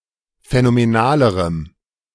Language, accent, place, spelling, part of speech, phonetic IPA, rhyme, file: German, Germany, Berlin, phänomenalerem, adjective, [fɛnomeˈnaːləʁəm], -aːləʁəm, De-phänomenalerem.ogg
- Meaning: strong dative masculine/neuter singular comparative degree of phänomenal